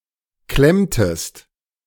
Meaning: inflection of klemmen: 1. second-person singular preterite 2. second-person singular subjunctive II
- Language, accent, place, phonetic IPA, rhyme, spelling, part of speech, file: German, Germany, Berlin, [ˈklɛmtəst], -ɛmtəst, klemmtest, verb, De-klemmtest.ogg